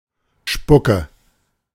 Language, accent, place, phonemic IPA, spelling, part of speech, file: German, Germany, Berlin, /ˈʃpʊkə/, Spucke, noun, De-Spucke.ogg
- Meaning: spittle, spit, saliva